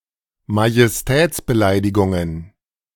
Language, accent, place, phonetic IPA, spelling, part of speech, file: German, Germany, Berlin, [majɛsˈtɛːt͡sbəˌlaɪ̯dɪɡʊŋən], Majestätsbeleidigungen, noun, De-Majestätsbeleidigungen.ogg
- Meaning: plural of Majestätsbeleidigung